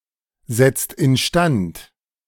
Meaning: inflection of instand setzen: 1. second/third-person singular present 2. second-person plural present 3. plural imperative
- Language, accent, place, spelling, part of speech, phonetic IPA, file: German, Germany, Berlin, setzt instand, verb, [ˌzɛt͡st ɪnˈʃtant], De-setzt instand.ogg